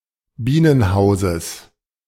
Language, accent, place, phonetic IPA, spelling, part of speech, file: German, Germany, Berlin, [ˈbiːnənˌhaʊ̯zəs], Bienenhauses, noun, De-Bienenhauses.ogg
- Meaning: genitive singular of Bienenhaus